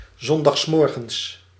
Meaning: Sunday morning
- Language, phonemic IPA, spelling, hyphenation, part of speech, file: Dutch, /ˌzɔn.dɑxsˈmɔr.ɣə(n)s/, zondagsmorgens, zon‧dags‧mor‧gens, adverb, Nl-zondagsmorgens.ogg